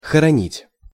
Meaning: 1. to bury, to inter 2. to hide, to conceal, to lay away
- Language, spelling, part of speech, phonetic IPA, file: Russian, хоронить, verb, [xərɐˈnʲitʲ], Ru-хоронить.ogg